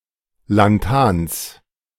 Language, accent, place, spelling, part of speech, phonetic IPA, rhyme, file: German, Germany, Berlin, Lanthans, noun, [lanˈtaːns], -aːns, De-Lanthans.ogg
- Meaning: genitive singular of Lanthan